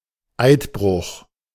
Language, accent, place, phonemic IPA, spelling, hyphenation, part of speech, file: German, Germany, Berlin, /ˈaɪ̯tˌbʁʊx/, Eidbruch, Eid‧bruch, noun, De-Eidbruch.ogg
- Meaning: oathbreach, the breaking of a vow or sworn pledge